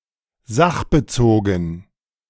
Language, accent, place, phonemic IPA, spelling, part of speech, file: German, Germany, Berlin, /ˈzaχbəˌt͡soːɡn̩/, sachbezogen, adjective, De-sachbezogen.ogg
- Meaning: relevant, pertinent